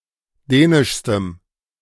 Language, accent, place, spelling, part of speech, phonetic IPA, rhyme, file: German, Germany, Berlin, dänischstem, adjective, [ˈdɛːnɪʃstəm], -ɛːnɪʃstəm, De-dänischstem.ogg
- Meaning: strong dative masculine/neuter singular superlative degree of dänisch